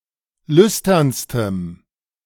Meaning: strong dative masculine/neuter singular superlative degree of lüstern
- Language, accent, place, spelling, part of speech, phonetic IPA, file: German, Germany, Berlin, lüsternstem, adjective, [ˈlʏstɐnstəm], De-lüsternstem.ogg